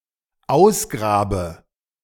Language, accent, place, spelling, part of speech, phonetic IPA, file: German, Germany, Berlin, ausgrabe, verb, [ˈaʊ̯sˌɡʁaːbə], De-ausgrabe.ogg
- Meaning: inflection of ausgraben: 1. first-person singular dependent present 2. first/third-person singular dependent subjunctive I